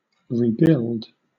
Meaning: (verb) 1. To build again or anew 2. To attempt to improve one's performance during a period of struggling; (noun) A process or result of rebuilding
- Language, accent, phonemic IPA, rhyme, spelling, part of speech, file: English, Southern England, /ɹiːˈbɪld/, -ɪld, rebuild, verb / noun, LL-Q1860 (eng)-rebuild.wav